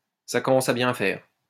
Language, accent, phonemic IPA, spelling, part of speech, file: French, France, /sa kɔ.mɑ̃.s‿a bjɛ̃ fɛʁ/, ça commence à bien faire, phrase, LL-Q150 (fra)-ça commence à bien faire.wav
- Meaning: enough is enough!